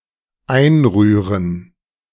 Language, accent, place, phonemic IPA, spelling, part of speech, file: German, Germany, Berlin, /ˈaɪ̯nˌʁyː.ʁən/, einrühren, verb, De-einrühren.ogg
- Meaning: to stir in